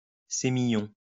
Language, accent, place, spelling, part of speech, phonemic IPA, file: French, France, Lyon, sémillon, noun, /se.mi.jɔ̃/, LL-Q150 (fra)-sémillon.wav
- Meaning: Sémillon (grape and wine)